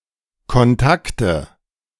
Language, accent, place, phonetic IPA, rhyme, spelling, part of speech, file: German, Germany, Berlin, [kɔnˈtaktə], -aktə, Kontakte, noun, De-Kontakte.ogg
- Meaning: nominative/accusative/genitive plural of Kontakt